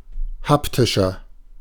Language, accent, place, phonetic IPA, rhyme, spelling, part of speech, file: German, Germany, Berlin, [ˈhaptɪʃɐ], -aptɪʃɐ, haptischer, adjective, De-haptischer.ogg
- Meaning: inflection of haptisch: 1. strong/mixed nominative masculine singular 2. strong genitive/dative feminine singular 3. strong genitive plural